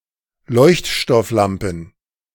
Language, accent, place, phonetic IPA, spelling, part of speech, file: German, Germany, Berlin, [ˈlɔɪ̯çtʃtɔfˌlampn̩], Leuchtstofflampen, noun, De-Leuchtstofflampen.ogg
- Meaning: plural of Leuchtstofflampe